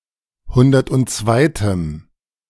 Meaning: strong dative masculine/neuter singular of hundertundzweite
- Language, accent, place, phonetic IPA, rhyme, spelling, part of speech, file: German, Germany, Berlin, [ˈhʊndɐtʔʊntˈt͡svaɪ̯təm], -aɪ̯təm, hundertundzweitem, adjective, De-hundertundzweitem.ogg